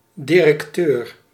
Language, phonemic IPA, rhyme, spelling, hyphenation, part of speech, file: Dutch, /ˌdi.rɛkˈtøːr/, -øːr, directeur, di‧rec‧teur, noun, Nl-directeur.ogg
- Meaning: 1. director, manager (in a company), general manager, CEO (or at a lower (e.g., branch) level) 2. director (a person in charge of various other institutions)